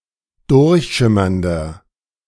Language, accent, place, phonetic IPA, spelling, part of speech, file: German, Germany, Berlin, [ˈdʊʁçˌʃɪmɐndɐ], durchschimmernder, adjective, De-durchschimmernder.ogg
- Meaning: inflection of durchschimmernd: 1. strong/mixed nominative masculine singular 2. strong genitive/dative feminine singular 3. strong genitive plural